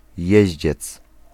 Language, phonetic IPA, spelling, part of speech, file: Polish, [ˈjɛ̇ʑd͡ʑɛt͡s], jeździec, noun, Pl-jeździec.ogg